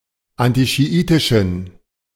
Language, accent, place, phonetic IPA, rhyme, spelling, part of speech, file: German, Germany, Berlin, [ˌantiʃiˈʔiːtɪʃn̩], -iːtɪʃn̩, antischiitischen, adjective, De-antischiitischen.ogg
- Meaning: inflection of antischiitisch: 1. strong genitive masculine/neuter singular 2. weak/mixed genitive/dative all-gender singular 3. strong/weak/mixed accusative masculine singular 4. strong dative plural